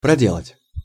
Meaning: 1. to make (a hole), to break through (a hole) 2. to do (a trick) 3. to carry out (a task; work)
- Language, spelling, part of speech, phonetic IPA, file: Russian, проделать, verb, [prɐˈdʲeɫətʲ], Ru-проделать.ogg